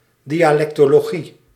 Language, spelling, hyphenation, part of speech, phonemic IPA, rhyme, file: Dutch, dialectologie, di‧a‧lec‧to‧lo‧gie, noun, /di.aːˌlɛk.toː.loːˈɣi/, -i, Nl-dialectologie.ogg
- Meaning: dialectology (the study of dialects)